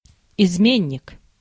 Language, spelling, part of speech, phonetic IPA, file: Russian, изменник, noun, [ɪzˈmʲenʲːɪk], Ru-изменник.ogg
- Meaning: traitor, betrayer